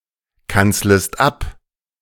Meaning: second-person singular subjunctive I of abkanzeln
- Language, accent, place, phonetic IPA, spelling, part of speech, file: German, Germany, Berlin, [ˌkant͡sləst ˈap], kanzlest ab, verb, De-kanzlest ab.ogg